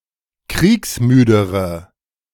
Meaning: inflection of kriegsmüde: 1. strong/mixed nominative/accusative feminine singular comparative degree 2. strong nominative/accusative plural comparative degree
- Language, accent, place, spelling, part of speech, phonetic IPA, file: German, Germany, Berlin, kriegsmüdere, adjective, [ˈkʁiːksˌmyːdəʁə], De-kriegsmüdere.ogg